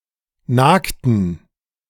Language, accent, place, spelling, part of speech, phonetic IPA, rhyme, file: German, Germany, Berlin, nagten, verb, [ˈnaːktn̩], -aːktn̩, De-nagten.ogg
- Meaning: inflection of nagen: 1. first/third-person plural preterite 2. first/third-person plural subjunctive II